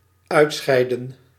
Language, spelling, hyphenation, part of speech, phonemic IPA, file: Dutch, uitscheidden, uit‧scheid‧den, verb, /ˈœy̯tˌsxɛi̯.də(n)/, Nl-uitscheidden.ogg
- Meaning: inflection of uitscheiden: 1. plural dependent-clause past indicative 2. plural dependent-clause past subjunctive